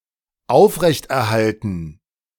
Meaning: to maintain, preserve, uphold, sustain
- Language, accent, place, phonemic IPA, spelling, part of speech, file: German, Germany, Berlin, /ˈaʊ̯fʁɛçtʔɛɐ̯ˌhaltn̩/, aufrechterhalten, verb, De-aufrechterhalten.ogg